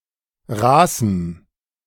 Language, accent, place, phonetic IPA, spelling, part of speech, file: German, Germany, Berlin, [ˈʁaːsm̩], raßem, adjective, De-raßem.ogg
- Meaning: strong dative masculine/neuter singular of raß